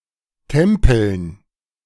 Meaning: dative plural of Tempel
- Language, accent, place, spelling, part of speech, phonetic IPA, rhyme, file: German, Germany, Berlin, Tempeln, noun, [ˈtɛmpl̩n], -ɛmpl̩n, De-Tempeln.ogg